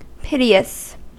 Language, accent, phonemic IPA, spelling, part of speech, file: English, US, /ˈpɪ.ti.əs/, piteous, adjective, En-us-piteous.ogg
- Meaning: 1. Provoking pity, compassion, or sympathy 2. Showing devotion to God 3. Showing compassion 4. Of little importance or value